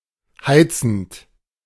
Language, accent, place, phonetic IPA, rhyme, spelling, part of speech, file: German, Germany, Berlin, [ˈhaɪ̯t͡sn̩t], -aɪ̯t͡sn̩t, heizend, verb, De-heizend.ogg
- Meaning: present participle of heizen